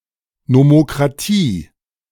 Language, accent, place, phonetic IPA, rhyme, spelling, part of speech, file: German, Germany, Berlin, [nomokʁaˈtiː], -iː, Nomokratie, noun, De-Nomokratie.ogg
- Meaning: nomocracy